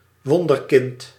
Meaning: 1. child prodigy, wunderkind 2. miraculously born child
- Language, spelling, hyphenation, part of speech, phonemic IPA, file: Dutch, wonderkind, won‧der‧kind, noun, /ˈʋɔn.dərˌkɪnt/, Nl-wonderkind.ogg